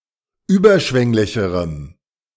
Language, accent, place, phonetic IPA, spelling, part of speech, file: German, Germany, Berlin, [ˈyːbɐˌʃvɛŋlɪçəʁəm], überschwänglicherem, adjective, De-überschwänglicherem.ogg
- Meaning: strong dative masculine/neuter singular comparative degree of überschwänglich